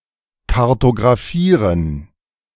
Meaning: alternative spelling of kartografieren
- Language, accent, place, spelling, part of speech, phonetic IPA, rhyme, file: German, Germany, Berlin, kartographieren, verb, [kaʁtoɡʁaˈfiːʁən], -iːʁən, De-kartographieren.ogg